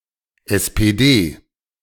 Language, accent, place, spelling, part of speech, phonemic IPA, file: German, Germany, Berlin, SPD, proper noun, /ˌʔɛs peː ˈdeː/, De-SPD.ogg
- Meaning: SPD: initialism of Sozialdemokratische Partei Deutschlands (“Social Democratic Party of Germany”)